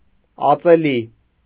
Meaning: razor
- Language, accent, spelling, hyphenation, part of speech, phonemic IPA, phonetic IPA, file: Armenian, Eastern Armenian, ածելի, ա‧ծե‧լի, noun, /ɑt͡seˈli/, [ɑt͡selí], Hy-ածելի.ogg